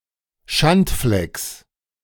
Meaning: genitive singular of Schandfleck
- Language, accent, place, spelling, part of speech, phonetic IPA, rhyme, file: German, Germany, Berlin, Schandflecks, noun, [ˈʃantˌflɛks], -antflɛks, De-Schandflecks.ogg